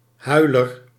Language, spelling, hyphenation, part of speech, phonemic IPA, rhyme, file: Dutch, huiler, hui‧ler, noun, /ˈɦœy̯.lər/, -œy̯lər, Nl-huiler.ogg
- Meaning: 1. a cryer, one who weeps 2. an unweaned abandoned seal